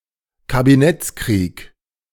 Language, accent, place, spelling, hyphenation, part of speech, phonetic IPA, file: German, Germany, Berlin, Kabinettskrieg, Ka‧bi‧netts‧krieg, noun, [kabiˈnɛt͡sˌkʁiːk], De-Kabinettskrieg.ogg
- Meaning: cabinet war